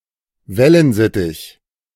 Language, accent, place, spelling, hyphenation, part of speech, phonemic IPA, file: German, Germany, Berlin, Wellensittich, Wel‧len‧sit‧tich, noun, /ˈvɛlənˌzɪtɪç/, De-Wellensittich.ogg
- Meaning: budgerigar (Melopsittacus undulatus)